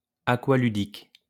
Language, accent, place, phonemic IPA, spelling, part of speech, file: French, France, Lyon, /a.kwa.ly.dik/, aqualudique, adjective, LL-Q150 (fra)-aqualudique.wav
- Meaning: watersport